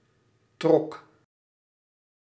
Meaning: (noun) current of air, draft; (verb) singular past indicative of trekken
- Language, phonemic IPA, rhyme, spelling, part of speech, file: Dutch, /trɔk/, -ɔk, trok, noun / verb, Nl-trok.ogg